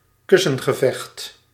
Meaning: a pillow fight
- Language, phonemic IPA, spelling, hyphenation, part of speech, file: Dutch, /ˈkʏ.sə(n).ɣəˌvɛxt/, kussengevecht, kus‧sen‧ge‧vecht, noun, Nl-kussengevecht.ogg